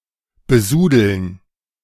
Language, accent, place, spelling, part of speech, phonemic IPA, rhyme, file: German, Germany, Berlin, besudeln, verb, /bəˈzuːdl̩n/, -uːdl̩n, De-besudeln.ogg
- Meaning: to sully